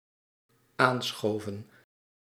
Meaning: inflection of aanschuiven: 1. plural dependent-clause past indicative 2. plural dependent-clause past subjunctive
- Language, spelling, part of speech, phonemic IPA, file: Dutch, aanschoven, verb, /ˈansxovə(n)/, Nl-aanschoven.ogg